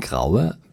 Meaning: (verb) inflection of grauen: 1. first-person singular present 2. first/third-person singular subjunctive I 3. singular imperative
- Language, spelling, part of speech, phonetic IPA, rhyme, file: German, graue, adjective / verb, [ˈɡʁaʊ̯ə], -aʊ̯ə, De-graue.ogg